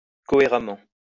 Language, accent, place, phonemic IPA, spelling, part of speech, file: French, France, Lyon, /kɔ.e.ʁa.mɑ̃/, cohéremment, adverb, LL-Q150 (fra)-cohéremment.wav
- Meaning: coherently